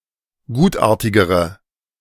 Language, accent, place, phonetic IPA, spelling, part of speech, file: German, Germany, Berlin, [ˈɡuːtˌʔaːɐ̯tɪɡəʁə], gutartigere, adjective, De-gutartigere.ogg
- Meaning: inflection of gutartig: 1. strong/mixed nominative/accusative feminine singular comparative degree 2. strong nominative/accusative plural comparative degree